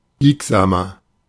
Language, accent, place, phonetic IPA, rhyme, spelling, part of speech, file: German, Germany, Berlin, [ˈbiːkzaːmɐ], -iːkzaːmɐ, biegsamer, adjective, De-biegsamer.ogg
- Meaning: 1. comparative degree of biegsam 2. inflection of biegsam: strong/mixed nominative masculine singular 3. inflection of biegsam: strong genitive/dative feminine singular